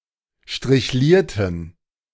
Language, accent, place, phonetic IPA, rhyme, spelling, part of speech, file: German, Germany, Berlin, [ʃtʁɪçˈliːɐ̯tn̩], -iːɐ̯tn̩, strichlierten, adjective / verb, De-strichlierten.ogg
- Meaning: inflection of strichliert: 1. strong genitive masculine/neuter singular 2. weak/mixed genitive/dative all-gender singular 3. strong/weak/mixed accusative masculine singular 4. strong dative plural